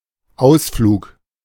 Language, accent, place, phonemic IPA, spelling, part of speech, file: German, Germany, Berlin, /ˈʔaʊ̯sfluːk/, Ausflug, noun, De-Ausflug.ogg
- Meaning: excursion, outing, short trip